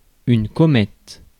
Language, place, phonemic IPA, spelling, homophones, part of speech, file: French, Paris, /kɔ.mɛt/, comète, comètes / commette / commettent / commettes, noun, Fr-comète.ogg
- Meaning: comet